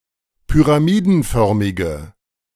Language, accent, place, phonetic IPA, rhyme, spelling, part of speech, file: German, Germany, Berlin, [pyʁaˈmiːdn̩ˌfœʁmɪɡə], -iːdn̩fœʁmɪɡə, pyramidenförmige, adjective, De-pyramidenförmige.ogg
- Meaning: inflection of pyramidenförmig: 1. strong/mixed nominative/accusative feminine singular 2. strong nominative/accusative plural 3. weak nominative all-gender singular